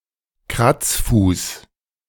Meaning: bow and scrape (deep formal bow with one's right foot scraping backwards and one's left hand lain across the belly)
- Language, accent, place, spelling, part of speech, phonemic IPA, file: German, Germany, Berlin, Kratzfuß, noun, /ˈkʁatsˌfuːs/, De-Kratzfuß.ogg